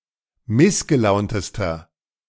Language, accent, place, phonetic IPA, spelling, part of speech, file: German, Germany, Berlin, [ˈmɪsɡəˌlaʊ̯ntəstɐ], missgelauntester, adjective, De-missgelauntester.ogg
- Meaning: inflection of missgelaunt: 1. strong/mixed nominative masculine singular superlative degree 2. strong genitive/dative feminine singular superlative degree 3. strong genitive plural superlative degree